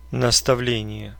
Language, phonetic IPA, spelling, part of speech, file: Russian, [nəstɐˈvlʲenʲɪje], наставление, noun, Ru-наставле́ние.ogg
- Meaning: 1. directions, instructions 2. admonition, precept, exhortation 3. manual